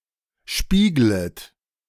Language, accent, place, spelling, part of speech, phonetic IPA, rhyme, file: German, Germany, Berlin, spieglet, verb, [ˈʃpiːɡlət], -iːɡlət, De-spieglet.ogg
- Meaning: second-person plural subjunctive I of spiegeln